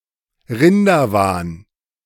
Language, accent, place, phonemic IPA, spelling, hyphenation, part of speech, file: German, Germany, Berlin, /ˈʁɪndɐˌvaːn/, Rinderwahn, Rin‧der‧wahn, noun, De-Rinderwahn.ogg
- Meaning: mad cow disease